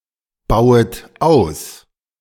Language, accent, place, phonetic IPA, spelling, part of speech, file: German, Germany, Berlin, [ˌbaʊ̯ət ˈaʊ̯s], bauet aus, verb, De-bauet aus.ogg
- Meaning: second-person plural subjunctive I of ausbauen